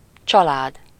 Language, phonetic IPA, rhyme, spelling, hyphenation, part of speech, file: Hungarian, [ˈt͡ʃɒlaːd], -aːd, család, csa‧lád, noun, Hu-család.ogg
- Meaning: family